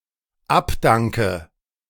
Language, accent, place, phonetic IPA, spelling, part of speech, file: German, Germany, Berlin, [ˈapˌdaŋkə], abdanke, verb, De-abdanke.ogg
- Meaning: inflection of abdanken: 1. first-person singular dependent present 2. first/third-person singular dependent subjunctive I